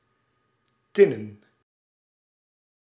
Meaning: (adjective) tin, tinnen; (noun) plural of tinne
- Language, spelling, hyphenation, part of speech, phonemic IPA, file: Dutch, tinnen, tin‧nen, adjective / noun, /ˈtɪ.nə(n)/, Nl-tinnen.ogg